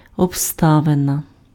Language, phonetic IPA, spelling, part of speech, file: Ukrainian, [ɔbˈstaʋenɐ], обставина, noun, Uk-обставина.ogg
- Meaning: circumstance, condition, case